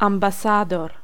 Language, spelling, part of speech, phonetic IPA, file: Polish, ambasador, noun, [ˌãmbaˈsadɔr], Pl-ambasador.ogg